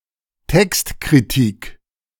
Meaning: textual criticism
- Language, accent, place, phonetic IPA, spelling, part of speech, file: German, Germany, Berlin, [ˈtɛkstkʁiˌtiːk], Textkritik, noun, De-Textkritik.ogg